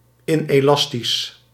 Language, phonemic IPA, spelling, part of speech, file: Dutch, /ɪneːˈlɑstis/, inelastisch, adjective, Nl-inelastisch.ogg
- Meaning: inelastic